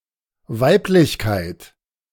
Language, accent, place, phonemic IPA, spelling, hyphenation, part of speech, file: German, Germany, Berlin, /ˈvaɪ̯plɪçkaɪ̯t/, Weiblichkeit, Weib‧lich‧keit, noun, De-Weiblichkeit.ogg
- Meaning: femininity, womanliness